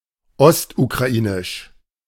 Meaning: East Ukrainian
- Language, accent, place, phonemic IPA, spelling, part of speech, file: German, Germany, Berlin, /ˈɔstukʁaˌʔiːnɪʃ/, ostukrainisch, adjective, De-ostukrainisch.ogg